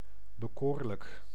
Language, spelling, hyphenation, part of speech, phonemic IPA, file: Dutch, bekoorlijk, be‧koor‧lijk, adjective, /bəˈkoːr.lək/, Nl-bekoorlijk.ogg
- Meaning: attractive, appealing